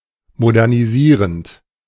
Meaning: present participle of modernisieren
- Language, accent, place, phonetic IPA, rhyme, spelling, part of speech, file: German, Germany, Berlin, [modɛʁniˈziːʁənt], -iːʁənt, modernisierend, verb, De-modernisierend.ogg